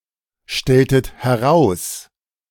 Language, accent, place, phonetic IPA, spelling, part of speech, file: German, Germany, Berlin, [ˌʃtɛltət hɛˈʁaʊ̯s], stelltet heraus, verb, De-stelltet heraus.ogg
- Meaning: inflection of herausstellen: 1. second-person plural preterite 2. second-person plural subjunctive II